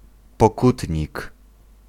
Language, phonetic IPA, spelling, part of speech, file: Polish, [pɔˈkutʲɲik], pokutnik, noun, Pl-pokutnik.ogg